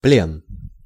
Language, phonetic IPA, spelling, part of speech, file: Russian, [plʲen], плен, noun, Ru-плен.ogg
- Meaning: captivity, custody